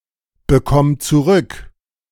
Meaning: singular imperative of zurückbekommen
- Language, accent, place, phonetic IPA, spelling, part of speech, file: German, Germany, Berlin, [bəˌkɔm t͡suˈʁʏk], bekomm zurück, verb, De-bekomm zurück.ogg